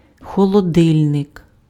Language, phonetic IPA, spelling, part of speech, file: Ukrainian, [xɔɫɔˈdɪlʲnek], холодильник, noun, Uk-холодильник.ogg
- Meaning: fridge, refrigerator